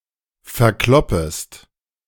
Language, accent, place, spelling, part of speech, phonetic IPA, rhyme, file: German, Germany, Berlin, verkloppest, verb, [fɛɐ̯ˈklɔpəst], -ɔpəst, De-verkloppest.ogg
- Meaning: second-person singular subjunctive I of verkloppen